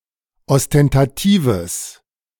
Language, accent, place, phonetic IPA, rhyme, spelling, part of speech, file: German, Germany, Berlin, [ɔstɛntaˈtiːvəs], -iːvəs, ostentatives, adjective, De-ostentatives.ogg
- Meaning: strong/mixed nominative/accusative neuter singular of ostentativ